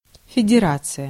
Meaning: federation
- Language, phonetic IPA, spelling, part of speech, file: Russian, [fʲɪdʲɪˈrat͡sɨjə], федерация, noun, Ru-федерация.ogg